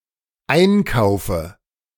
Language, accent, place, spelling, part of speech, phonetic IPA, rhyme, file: German, Germany, Berlin, einkaufe, verb, [ˈaɪ̯nˌkaʊ̯fə], -aɪ̯nkaʊ̯fə, De-einkaufe.ogg
- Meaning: inflection of einkaufen: 1. first-person singular dependent present 2. first/third-person singular dependent subjunctive I